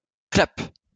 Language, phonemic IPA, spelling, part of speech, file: French, /klap/, clap, noun, LL-Q150 (fra)-clap.wav
- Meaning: clapperboard